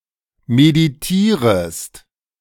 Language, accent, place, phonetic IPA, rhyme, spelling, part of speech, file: German, Germany, Berlin, [mediˈtiːʁəst], -iːʁəst, meditierest, verb, De-meditierest.ogg
- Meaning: second-person singular subjunctive I of meditieren